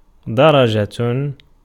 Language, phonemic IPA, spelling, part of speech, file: Arabic, /da.ra.d͡ʒa/, درجة, noun, Ar-درجة.ogg
- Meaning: 1. stair, step 2. stairway, staircase 3. degree 4. degree, rank, order, dignity, condition, station 5. mark, grade (at school) 6. stage upwards (to Paradise, etc.)